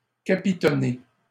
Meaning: past participle of capitonner
- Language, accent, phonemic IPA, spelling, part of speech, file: French, Canada, /ka.pi.tɔ.ne/, capitonné, verb, LL-Q150 (fra)-capitonné.wav